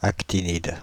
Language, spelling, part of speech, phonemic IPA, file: French, actinide, noun, /ak.ti.nid/, Fr-actinide.ogg
- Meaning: actinide